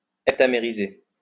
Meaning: to heptamerize
- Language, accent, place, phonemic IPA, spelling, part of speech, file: French, France, Lyon, /ɛp.ta.me.ʁi.ze/, heptamériser, verb, LL-Q150 (fra)-heptamériser.wav